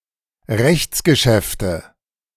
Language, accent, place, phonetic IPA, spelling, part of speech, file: German, Germany, Berlin, [ˈʁɛçt͡sɡəˌʃɛftə], Rechtsgeschäfte, noun, De-Rechtsgeschäfte.ogg
- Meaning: nominative/accusative/genitive plural of Rechtsgeschäft